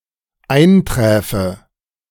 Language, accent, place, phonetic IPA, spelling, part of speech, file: German, Germany, Berlin, [ˈaɪ̯nˌtʁɛːfə], einträfe, verb, De-einträfe.ogg
- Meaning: first/third-person singular dependent subjunctive II of eintreffen